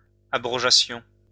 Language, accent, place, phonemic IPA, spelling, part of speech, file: French, France, Lyon, /a.bʁɔ.ʒa.sjɔ̃/, abrogeassions, verb, LL-Q150 (fra)-abrogeassions.wav
- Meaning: first-person plural imperfect subjunctive of abroger